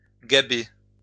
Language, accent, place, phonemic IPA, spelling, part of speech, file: French, France, Lyon, /ɡa.be/, gaber, verb, LL-Q150 (fra)-gaber.wav
- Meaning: 1. to ridicule; mock 2. to speak clumsily; to blunder; to laugh